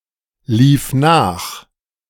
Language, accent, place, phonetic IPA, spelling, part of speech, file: German, Germany, Berlin, [ˌliːf ˈnaːx], lief nach, verb, De-lief nach.ogg
- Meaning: first/third-person singular preterite of nachlaufen